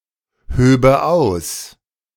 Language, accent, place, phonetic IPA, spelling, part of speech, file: German, Germany, Berlin, [ˌhøːbə ˈaʊ̯s], höbe aus, verb, De-höbe aus.ogg
- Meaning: first/third-person singular subjunctive II of ausheben